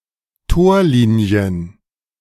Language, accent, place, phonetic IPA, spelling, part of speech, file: German, Germany, Berlin, [ˈtoːɐ̯ˌliːni̯ən], Torlinien, noun, De-Torlinien.ogg
- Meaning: plural of Torlinie